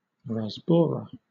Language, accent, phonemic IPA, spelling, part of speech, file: English, Southern England, /ɹæzˈbɔːɹə/, rasbora, noun, LL-Q1860 (eng)-rasbora.wav
- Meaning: 1. Any minnow-like small fish in the cyprinid genus Rasbora 2. Any similar fish formerly classified in that genus